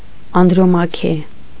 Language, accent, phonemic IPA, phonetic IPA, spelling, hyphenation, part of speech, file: Armenian, Eastern Armenian, /ɑndɾoˈmɑkʰe/, [ɑndɾomɑ́kʰe], Անդրոմաքե, Անդ‧րո‧մա‧քե, proper noun, Hy-Անդրոմաքե.ogg
- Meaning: Andromache